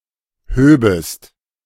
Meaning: second-person singular subjunctive II of heben
- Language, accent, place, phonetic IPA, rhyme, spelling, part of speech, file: German, Germany, Berlin, [ˈhøːbəst], -øːbəst, höbest, verb, De-höbest.ogg